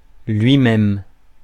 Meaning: himself, itself
- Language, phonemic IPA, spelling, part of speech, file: French, /lɥi.mɛm/, lui-même, pronoun, Fr-lui-même.ogg